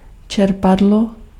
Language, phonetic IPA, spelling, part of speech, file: Czech, [ˈt͡ʃɛrpadlo], čerpadlo, noun, Cs-čerpadlo.ogg
- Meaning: pump (device for moving liquid or gas)